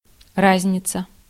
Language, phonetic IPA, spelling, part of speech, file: Russian, [ˈrazʲnʲɪt͡sə], разница, noun, Ru-разница.ogg
- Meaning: difference (quality of being different, can be used to refer to the difference itself without talking about its size)